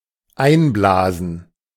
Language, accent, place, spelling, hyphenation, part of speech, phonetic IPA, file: German, Germany, Berlin, einblasen, ein‧bla‧sen, verb, [ˈaɪ̯nˌblaːzn̩], De-einblasen.ogg
- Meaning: to blow into